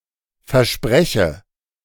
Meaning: inflection of versprechen: 1. first-person singular present 2. first/third-person singular subjunctive I
- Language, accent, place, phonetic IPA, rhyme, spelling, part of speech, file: German, Germany, Berlin, [fɛɐ̯ˈʃpʁɛçə], -ɛçə, verspreche, verb, De-verspreche.ogg